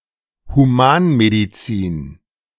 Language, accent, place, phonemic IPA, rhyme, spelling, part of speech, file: German, Germany, Berlin, /huˈmaːnmediˌtsiːn/, -iːn, Humanmedizin, noun, De-Humanmedizin.ogg
- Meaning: human medicine